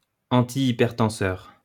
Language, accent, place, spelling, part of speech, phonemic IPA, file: French, France, Lyon, antihypertenseur, adjective / noun, /ɑ̃.ti.i.pɛʁ.tɑ̃.sœʁ/, LL-Q150 (fra)-antihypertenseur.wav
- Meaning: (adjective) antihypertensive; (noun) antihypertensive (agent that prevents or counteracts hypertension)